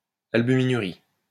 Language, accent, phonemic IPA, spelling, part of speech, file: French, France, /al.by.mi.ny.ʁi/, albuminurie, noun, LL-Q150 (fra)-albuminurie.wav
- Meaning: albuminuria